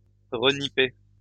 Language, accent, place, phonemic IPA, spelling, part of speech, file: French, France, Lyon, /ʁə.ni.pe/, renipper, verb, LL-Q150 (fra)-renipper.wav
- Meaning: to repair, fix up